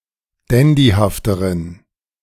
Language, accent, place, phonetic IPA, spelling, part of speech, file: German, Germany, Berlin, [ˈdɛndihaftəʁən], dandyhafteren, adjective, De-dandyhafteren.ogg
- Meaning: inflection of dandyhaft: 1. strong genitive masculine/neuter singular comparative degree 2. weak/mixed genitive/dative all-gender singular comparative degree